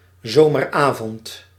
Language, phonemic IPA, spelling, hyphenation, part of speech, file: Dutch, /ˈzoː.mərˌaː.vɔnt/, zomeravond, zo‧mer‧avond, noun, Nl-zomeravond.ogg
- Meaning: summer evening